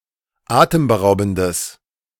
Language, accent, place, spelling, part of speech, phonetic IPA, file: German, Germany, Berlin, atemberaubendes, adjective, [ˈaːtəmbəˌʁaʊ̯bn̩dəs], De-atemberaubendes.ogg
- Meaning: strong/mixed nominative/accusative neuter singular of atemberaubend